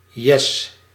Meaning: yay (exclamation of happiness or enthusiasm)
- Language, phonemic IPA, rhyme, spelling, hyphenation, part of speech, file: Dutch, /jɛs/, -ɛs, yes, yes, interjection, Nl-yes.ogg